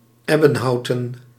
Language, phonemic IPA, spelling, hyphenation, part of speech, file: Dutch, /ˈɛ.bə(n)ˌɦɑu̯.tə(n)/, ebbenhouten, eb‧ben‧hou‧ten, adjective / noun, Nl-ebbenhouten.ogg
- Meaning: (adjective) consisting/made of ebony; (noun) plural of ebbenhout